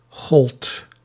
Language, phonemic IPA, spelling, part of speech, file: Dutch, /ɣɔlt/, goldt, verb, Nl-goldt.ogg
- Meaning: second-person (gij) singular past indicative of gelden